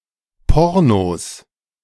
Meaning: plural of Porno
- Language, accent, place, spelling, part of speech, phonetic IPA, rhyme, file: German, Germany, Berlin, Pornos, noun, [ˈpɔʁnos], -ɔʁnos, De-Pornos.ogg